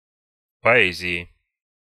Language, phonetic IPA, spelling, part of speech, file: Russian, [pɐˈɛzʲɪɪ], поэзии, noun, Ru-поэзии.ogg
- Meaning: genitive/dative/prepositional singular of поэ́зия (poézija)